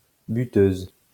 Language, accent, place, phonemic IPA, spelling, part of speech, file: French, France, Lyon, /by.tøz/, buteuse, noun, LL-Q150 (fra)-buteuse.wav
- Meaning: female equivalent of buteur